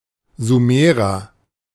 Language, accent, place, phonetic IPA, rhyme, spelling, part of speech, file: German, Germany, Berlin, [zuˈmeːʁɐ], -eːʁɐ, Sumerer, noun, De-Sumerer.ogg
- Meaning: Sumerian